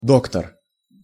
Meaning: 1. doctor (PhD or MD) 2. physician
- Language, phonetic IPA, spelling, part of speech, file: Russian, [ˈdoktər], доктор, noun, Ru-доктор.ogg